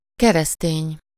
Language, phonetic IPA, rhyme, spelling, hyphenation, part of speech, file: Hungarian, [ˈkɛrɛsteːɲ], -eːɲ, keresztény, ke‧resz‧tény, adjective / noun, Hu-keresztény.ogg
- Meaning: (adjective) Christian